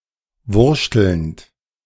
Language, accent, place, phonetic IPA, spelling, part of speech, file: German, Germany, Berlin, [ˈvʊʁʃtl̩nt], wurschtelnd, verb, De-wurschtelnd.ogg
- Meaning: present participle of wurschteln